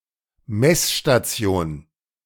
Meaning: measuring station
- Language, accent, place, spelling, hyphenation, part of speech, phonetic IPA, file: German, Germany, Berlin, Messstation, Mess‧sta‧ti‧on, noun, [ˈmɛsʃtaˈt͡si̯oːn], De-Messstation.ogg